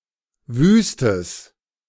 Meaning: strong/mixed nominative/accusative neuter singular of wüst
- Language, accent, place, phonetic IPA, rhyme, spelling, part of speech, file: German, Germany, Berlin, [ˈvyːstəs], -yːstəs, wüstes, adjective, De-wüstes.ogg